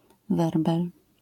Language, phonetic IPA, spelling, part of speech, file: Polish, [ˈvɛrbɛl], werbel, noun, LL-Q809 (pol)-werbel.wav